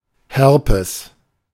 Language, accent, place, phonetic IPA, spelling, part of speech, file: German, Germany, Berlin, [ˈhɛʁpɛs], Herpes, noun, De-Herpes.ogg
- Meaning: herpes